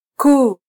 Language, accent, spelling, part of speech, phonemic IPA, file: Swahili, Kenya, kuu, adjective, /ˈkuː/, Sw-ke-kuu.flac
- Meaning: great; main; chief